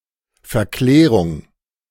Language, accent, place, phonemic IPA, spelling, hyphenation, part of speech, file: German, Germany, Berlin, /fɛɐ̯ˈklɛːʁʊŋ/, Verklärung, Ver‧klä‧rung, noun, De-Verklärung.ogg
- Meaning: 1. glorification 2. Transfiguration